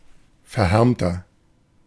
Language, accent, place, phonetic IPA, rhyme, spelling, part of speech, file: German, Germany, Berlin, [fɛɐ̯ˈhɛʁmtɐ], -ɛʁmtɐ, verhärmter, adjective, De-verhärmter.ogg
- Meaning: 1. comparative degree of verhärmt 2. inflection of verhärmt: strong/mixed nominative masculine singular 3. inflection of verhärmt: strong genitive/dative feminine singular